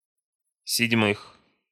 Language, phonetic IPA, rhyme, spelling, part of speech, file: Russian, [sʲɪdʲˈmɨx], -ɨx, седьмых, noun, Ru-седьмых.ogg
- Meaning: genitive/prepositional plural of седьма́я (sedʹmája)